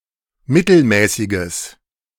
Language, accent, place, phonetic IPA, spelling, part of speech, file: German, Germany, Berlin, [ˈmɪtl̩ˌmɛːsɪɡəs], mittelmäßiges, adjective, De-mittelmäßiges.ogg
- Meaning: strong/mixed nominative/accusative neuter singular of mittelmäßig